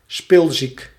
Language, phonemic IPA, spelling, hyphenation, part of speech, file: Dutch, /ˈspɪl.zik/, spilziek, spil‧ziek, adjective, Nl-spilziek.ogg
- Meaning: wasteful, profligate